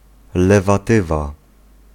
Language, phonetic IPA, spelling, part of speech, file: Polish, [ˌlɛvaˈtɨva], lewatywa, noun, Pl-lewatywa.ogg